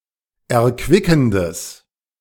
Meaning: strong/mixed nominative/accusative neuter singular of erquickend
- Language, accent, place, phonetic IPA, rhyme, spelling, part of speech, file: German, Germany, Berlin, [ɛɐ̯ˈkvɪkn̩dəs], -ɪkn̩dəs, erquickendes, adjective, De-erquickendes.ogg